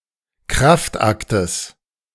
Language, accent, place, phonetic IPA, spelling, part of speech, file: German, Germany, Berlin, [ˈkʁaftˌʔaktəs], Kraftaktes, noun, De-Kraftaktes.ogg
- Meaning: genitive singular of Kraftakt